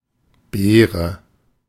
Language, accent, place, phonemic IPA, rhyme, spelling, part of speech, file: German, Germany, Berlin, /ˈbeːʁə/, -eːʁə, Beere, noun, De-Beere.ogg
- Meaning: berry